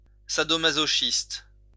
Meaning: masochist
- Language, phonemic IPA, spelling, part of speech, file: French, /ma.zɔ.ʃist/, masochiste, noun, LL-Q150 (fra)-masochiste.wav